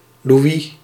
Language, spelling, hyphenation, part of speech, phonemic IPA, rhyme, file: Dutch, Louis, Lou‧is, proper noun, /luˈi/, -i, Nl-Louis.ogg
- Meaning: a male given name, variant of Lodewijk